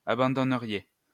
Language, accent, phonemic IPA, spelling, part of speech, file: French, France, /a.bɑ̃.dɔ.nə.ʁje/, abandonneriez, verb, LL-Q150 (fra)-abandonneriez.wav
- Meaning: second-person plural conditional of abandonner